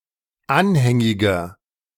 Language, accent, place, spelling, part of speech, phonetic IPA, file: German, Germany, Berlin, anhängiger, adjective, [ˈanhɛŋɪɡɐ], De-anhängiger.ogg
- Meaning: inflection of anhängig: 1. strong/mixed nominative masculine singular 2. strong genitive/dative feminine singular 3. strong genitive plural